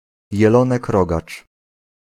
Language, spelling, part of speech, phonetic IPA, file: Polish, jelonek rogacz, noun, [jɛˈlɔ̃nɛk ˈrɔɡat͡ʃ], Pl-jelonek rogacz.ogg